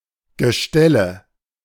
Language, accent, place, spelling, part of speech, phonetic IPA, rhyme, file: German, Germany, Berlin, Gestelle, noun, [ɡəˈʃtɛlə], -ɛlə, De-Gestelle.ogg
- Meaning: nominative/accusative/genitive plural of Gestell